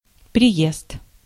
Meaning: arrival (act of arriving or something that has arrived by car, truck, bus, or train)
- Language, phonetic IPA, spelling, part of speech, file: Russian, [prʲɪˈjest], приезд, noun, Ru-приезд.ogg